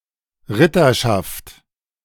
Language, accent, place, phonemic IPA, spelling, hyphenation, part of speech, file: German, Germany, Berlin, /ˈʁɪtɐʃaft/, Ritterschaft, Rit‧ter‧schaft, noun, De-Ritterschaft.ogg
- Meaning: knighthood